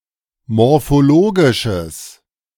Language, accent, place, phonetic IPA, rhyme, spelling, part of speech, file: German, Germany, Berlin, [mɔʁfoˈloːɡɪʃəs], -oːɡɪʃəs, morphologisches, adjective, De-morphologisches.ogg
- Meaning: strong/mixed nominative/accusative neuter singular of morphologisch